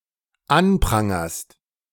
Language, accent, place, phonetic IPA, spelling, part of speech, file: German, Germany, Berlin, [ˈanˌpʁaŋɐst], anprangerst, verb, De-anprangerst.ogg
- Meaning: second-person singular dependent present of anprangern